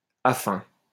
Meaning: affine (all senses)
- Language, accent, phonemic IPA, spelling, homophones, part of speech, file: French, France, /a.fɛ̃/, affin, afin, adjective, LL-Q150 (fra)-affin.wav